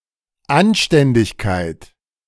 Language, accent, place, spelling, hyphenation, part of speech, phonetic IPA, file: German, Germany, Berlin, Anständigkeit, An‧stän‧dig‧keit, noun, [ˈanʃtɛndɪçˌkaɪ̯t], De-Anständigkeit.ogg
- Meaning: decency, respectability, honesty